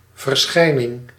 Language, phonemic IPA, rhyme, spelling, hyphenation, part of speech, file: Dutch, /vərˈsxɛi̯.nɪŋ/, -ɛi̯nɪŋ, verschijning, ver‧schij‧ning, noun, Nl-verschijning.ogg
- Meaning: 1. appearance, act of appearing 2. appearance, likeness, how something appears on the outside 3. appearance, apparition, phenomenon 4. publication